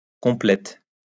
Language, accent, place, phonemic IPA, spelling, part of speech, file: French, France, Lyon, /kɔ̃.plɛt/, complète, adjective / verb, LL-Q150 (fra)-complète.wav
- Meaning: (adjective) feminine singular of complet; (verb) inflection of compléter: 1. first/third-person singular present indicative/subjunctive 2. second-person singular imperative